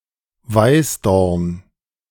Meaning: hawthorn (type of shrub)
- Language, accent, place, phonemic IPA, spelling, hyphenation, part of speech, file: German, Germany, Berlin, /ˈvaɪ̯sdɔʁn/, Weißdorn, Weiß‧dorn, noun, De-Weißdorn.ogg